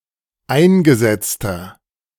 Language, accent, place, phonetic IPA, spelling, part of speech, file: German, Germany, Berlin, [ˈaɪ̯nɡəˌzɛt͡stɐ], eingesetzter, adjective, De-eingesetzter.ogg
- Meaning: inflection of eingesetzt: 1. strong/mixed nominative masculine singular 2. strong genitive/dative feminine singular 3. strong genitive plural